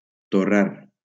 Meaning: 1. to toast, roast 2. to get drunk
- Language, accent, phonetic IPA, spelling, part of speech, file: Catalan, Valencia, [toˈraɾ], torrar, verb, LL-Q7026 (cat)-torrar.wav